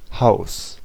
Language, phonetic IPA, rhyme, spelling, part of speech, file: German, [haʊ̯s], -aʊ̯s, Haus, noun / proper noun, De-Haus.ogg
- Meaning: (noun) 1. house, building 2. home (in various phrases) 3. theatre; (proper noun) a municipality of Styria, Austria